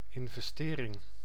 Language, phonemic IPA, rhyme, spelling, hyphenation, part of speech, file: Dutch, /ɪn.vɛsˈteː.rɪŋ/, -eːrɪŋ, investering, in‧ves‧te‧ring, noun, Nl-investering.ogg
- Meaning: investment